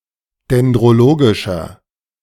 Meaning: inflection of dendrologisch: 1. strong/mixed nominative masculine singular 2. strong genitive/dative feminine singular 3. strong genitive plural
- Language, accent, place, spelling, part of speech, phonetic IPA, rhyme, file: German, Germany, Berlin, dendrologischer, adjective, [dɛndʁoˈloːɡɪʃɐ], -oːɡɪʃɐ, De-dendrologischer.ogg